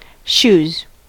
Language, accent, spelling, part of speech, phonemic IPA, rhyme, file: English, US, shoes, noun / verb, /ʃʲuz/, -uːz, En-us-shoes.ogg
- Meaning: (noun) plural of shoe; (verb) third-person singular simple present indicative of shoe